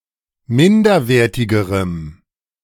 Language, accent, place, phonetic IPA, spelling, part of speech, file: German, Germany, Berlin, [ˈmɪndɐˌveːɐ̯tɪɡəʁəm], minderwertigerem, adjective, De-minderwertigerem.ogg
- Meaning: strong dative masculine/neuter singular comparative degree of minderwertig